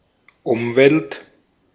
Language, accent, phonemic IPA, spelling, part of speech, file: German, Austria, /ˈʊmvɛlt/, Umwelt, noun, De-at-Umwelt.ogg
- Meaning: 1. environment; milieu; surroundings 2. environment; ecosystem